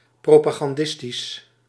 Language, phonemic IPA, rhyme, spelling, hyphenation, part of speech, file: Dutch, /ˌproː.paː.ɣɑnˈdɪs.tis/, -ɪstis, propagandistisch, pro‧pa‧gan‧dis‧tisch, adjective, Nl-propagandistisch.ogg
- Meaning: propagandistic, propagandist